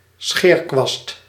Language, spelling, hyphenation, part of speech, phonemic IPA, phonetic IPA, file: Dutch, scheerkwast, scheer‧kwast, noun, /ˈsxeːrkʋɑst/, [ˈsxɪːrkʋɑst], Nl-scheerkwast.ogg
- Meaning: shaving brush